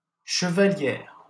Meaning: 1. signet ring 2. female equivalent of chevalier
- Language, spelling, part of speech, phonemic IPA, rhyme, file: French, chevalière, noun, /ʃə.va.ljɛʁ/, -ɛʁ, LL-Q150 (fra)-chevalière.wav